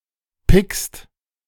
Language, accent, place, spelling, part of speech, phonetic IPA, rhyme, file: German, Germany, Berlin, pickst, verb, [pɪkst], -ɪkst, De-pickst.ogg
- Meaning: second-person singular present of picken